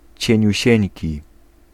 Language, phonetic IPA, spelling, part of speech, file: Polish, [ˌt͡ɕɛ̇̃ɲüˈɕɛ̇̃ɲci], cieniusieńki, adjective, Pl-cieniusieńki.ogg